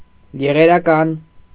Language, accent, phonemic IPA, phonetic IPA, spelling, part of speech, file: Armenian, Eastern Armenian, /jeʁeɾɑˈkɑn/, [jeʁeɾɑkɑ́n], եղերական, adjective, Hy-եղերական.ogg
- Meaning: tragic